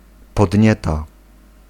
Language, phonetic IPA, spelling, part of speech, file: Polish, [pɔdʲˈɲɛta], podnieta, noun, Pl-podnieta.ogg